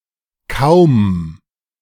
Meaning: 1. barely, hardly (qualifying verbs or adjectives) 2. barely any, almost no (qualifying amounts) 3. difficult, nearly impossible 4. as soon as, immediately after
- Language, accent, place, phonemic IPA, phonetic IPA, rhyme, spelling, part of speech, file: German, Germany, Berlin, /kaʊ̯m/, [kʰaʊ̯m], -aʊ̯m, kaum, adverb, De-kaum.ogg